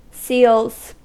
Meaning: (noun) plural of seal; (verb) third-person singular simple present indicative of seal
- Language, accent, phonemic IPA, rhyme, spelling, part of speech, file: English, US, /siːlz/, -iːlz, seals, noun / verb, En-us-seals.ogg